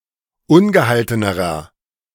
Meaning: inflection of ungehalten: 1. strong/mixed nominative masculine singular comparative degree 2. strong genitive/dative feminine singular comparative degree 3. strong genitive plural comparative degree
- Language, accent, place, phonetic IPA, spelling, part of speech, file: German, Germany, Berlin, [ˈʊnɡəˌhaltənəʁɐ], ungehaltenerer, adjective, De-ungehaltenerer.ogg